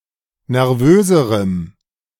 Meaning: strong dative masculine/neuter singular comparative degree of nervös
- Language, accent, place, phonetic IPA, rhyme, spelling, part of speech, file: German, Germany, Berlin, [nɛʁˈvøːzəʁəm], -øːzəʁəm, nervöserem, adjective, De-nervöserem.ogg